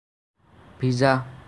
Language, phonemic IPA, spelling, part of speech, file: Assamese, /bʱi.zɑ/, ভিজা, adjective / verb, As-ভিজা.ogg
- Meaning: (adjective) wet, drench; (verb) to be wet, drench